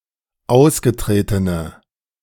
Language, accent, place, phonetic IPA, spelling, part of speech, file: German, Germany, Berlin, [ˈaʊ̯sɡəˌtʁeːtənə], ausgetretene, adjective, De-ausgetretene.ogg
- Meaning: inflection of ausgetreten: 1. strong/mixed nominative/accusative feminine singular 2. strong nominative/accusative plural 3. weak nominative all-gender singular